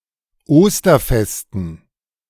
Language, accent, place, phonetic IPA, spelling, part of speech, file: German, Germany, Berlin, [ˈoːstɐˌfɛstn̩], Osterfesten, noun, De-Osterfesten.ogg
- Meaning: dative plural of Osterfest